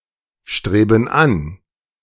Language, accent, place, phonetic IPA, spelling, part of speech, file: German, Germany, Berlin, [ˌʃtʁeːbn̩ ˈan], streben an, verb, De-streben an.ogg
- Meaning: inflection of anstreben: 1. first/third-person plural present 2. first/third-person plural subjunctive I